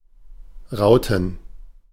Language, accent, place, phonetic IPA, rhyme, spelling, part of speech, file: German, Germany, Berlin, [ˈʁaʊ̯tn̩], -aʊ̯tn̩, Rauten, noun, De-Rauten.ogg
- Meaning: plural of Raute